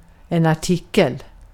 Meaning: 1. an article (piece of writing in a newspaper, journal, encyclopedia, etc.) 2. an article (section of a legal document, treaty, or the like) 3. an article (item, product) 4. an article
- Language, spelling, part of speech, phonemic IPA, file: Swedish, artikel, noun, /ˈartɪːkˌɛl/, Sv-artikel.ogg